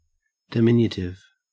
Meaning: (adjective) 1. Very small 2. Serving to diminish 3. Of or pertaining to, or creating a word form expressing smallness, youth, unimportance, or endearment
- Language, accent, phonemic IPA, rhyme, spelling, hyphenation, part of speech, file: English, Australia, /dɪˈmɪn.jə.tɪv/, -ɪnjətɪv, diminutive, di‧min‧u‧tive, adjective / noun, En-au-diminutive.ogg